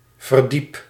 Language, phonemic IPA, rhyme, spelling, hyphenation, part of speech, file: Dutch, /vərˈdip/, -ip, verdiep, ver‧diep, noun / verb, Nl-verdiep.ogg
- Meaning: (noun) synonym of verdieping (“storey”); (verb) inflection of verdiepen: 1. first-person singular present indicative 2. second-person singular present indicative 3. imperative